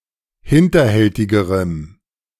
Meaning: strong dative masculine/neuter singular comparative degree of hinterhältig
- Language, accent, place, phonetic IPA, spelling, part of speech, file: German, Germany, Berlin, [ˈhɪntɐˌhɛltɪɡəʁəm], hinterhältigerem, adjective, De-hinterhältigerem.ogg